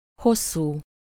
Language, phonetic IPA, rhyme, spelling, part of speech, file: Hungarian, [ˈhosːuː], -suː, hosszú, adjective, Hu-hosszú.ogg
- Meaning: long